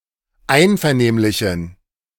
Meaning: inflection of einvernehmlich: 1. strong genitive masculine/neuter singular 2. weak/mixed genitive/dative all-gender singular 3. strong/weak/mixed accusative masculine singular 4. strong dative plural
- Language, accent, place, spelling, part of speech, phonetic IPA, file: German, Germany, Berlin, einvernehmlichen, adjective, [ˈaɪ̯nfɛɐ̯ˌneːmlɪçn̩], De-einvernehmlichen.ogg